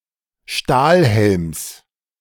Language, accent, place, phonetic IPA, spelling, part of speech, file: German, Germany, Berlin, [ˈʃtaːlˌhɛlms], Stahlhelms, noun, De-Stahlhelms.ogg
- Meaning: genitive singular of Stahlhelm